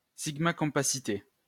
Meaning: compactness
- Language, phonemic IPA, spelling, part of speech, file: French, /kɔ̃.pa.si.te/, compacité, noun, LL-Q150 (fra)-compacité.wav